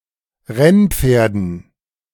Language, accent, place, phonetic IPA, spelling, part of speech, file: German, Germany, Berlin, [ˈʁɛnˌp͡feːɐ̯dn̩], Rennpferden, noun, De-Rennpferden.ogg
- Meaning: dative plural of Rennpferd